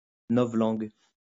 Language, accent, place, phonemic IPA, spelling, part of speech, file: French, France, Lyon, /nɔ.vlɑ̃ɡ/, novlangue, noun, LL-Q150 (fra)-novlangue.wav
- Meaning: 1. Newspeak (fictional language) 2. newspeak (use of ambiguous, misleading, or euphemistic words)